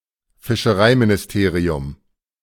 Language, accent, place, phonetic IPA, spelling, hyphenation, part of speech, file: German, Germany, Berlin, [fɪʃəˈʀaɪ̯minɪsˌteːʀi̯ʊm], Fischereiministerium, Fis‧che‧rei‧mi‧ni‧ste‧ri‧um, noun, De-Fischereiministerium.ogg
- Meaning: fisheries ministry